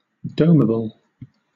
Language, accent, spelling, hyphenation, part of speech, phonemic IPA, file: English, Southern England, domable, dom‧a‧ble, adjective, /ˈdəʊməbl̩/, LL-Q1860 (eng)-domable.wav
- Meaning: Capable of being tamed; tameable, domesticable